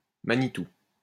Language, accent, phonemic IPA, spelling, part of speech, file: French, France, /ma.ni.tu/, manitou, noun, LL-Q150 (fra)-manitou.wav
- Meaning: manitou